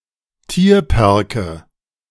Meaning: nominative/accusative/genitive plural of Tierpark
- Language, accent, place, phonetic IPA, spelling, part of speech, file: German, Germany, Berlin, [ˈtiːɐ̯pɛʁkə], Tierpärke, noun, De-Tierpärke.ogg